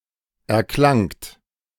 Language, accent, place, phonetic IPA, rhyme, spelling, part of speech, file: German, Germany, Berlin, [ɛɐ̯ˈklaŋt], -aŋt, erklangt, verb, De-erklangt.ogg
- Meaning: second-person plural preterite of erklingen